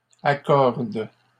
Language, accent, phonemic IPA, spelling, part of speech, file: French, Canada, /a.kɔʁd/, accordent, verb, LL-Q150 (fra)-accordent.wav
- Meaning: third-person plural present indicative/subjunctive of accorder